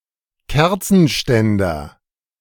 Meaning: candle holder, candle bearer (with one or more arms)
- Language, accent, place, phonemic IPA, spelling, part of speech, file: German, Germany, Berlin, /ˈkɛʁtsənˌʃtɛndəʁ/, Kerzenständer, noun, De-Kerzenständer.ogg